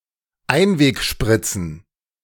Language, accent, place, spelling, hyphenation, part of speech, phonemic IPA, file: German, Germany, Berlin, Einwegspritzen, Ein‧weg‧sprit‧zen, noun, /ˈaɪ̯nveːkˌʃpʁɪt͡sn̩/, De-Einwegspritzen.ogg
- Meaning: plural of Einwegspritze